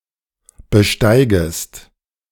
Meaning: second-person singular subjunctive I of besteigen
- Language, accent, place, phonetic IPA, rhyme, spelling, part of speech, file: German, Germany, Berlin, [bəˈʃtaɪ̯ɡəst], -aɪ̯ɡəst, besteigest, verb, De-besteigest.ogg